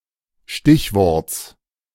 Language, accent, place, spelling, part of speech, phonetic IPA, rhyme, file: German, Germany, Berlin, Stichworts, noun, [ˈʃtɪçˌvɔʁt͡s], -ɪçvɔʁt͡s, De-Stichworts.ogg
- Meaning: genitive singular of Stichwort